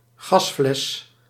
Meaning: gas cylinder, gas canister
- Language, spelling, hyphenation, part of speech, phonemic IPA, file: Dutch, gasfles, gas‧fles, noun, /ˈɣɑs.flɛs/, Nl-gasfles.ogg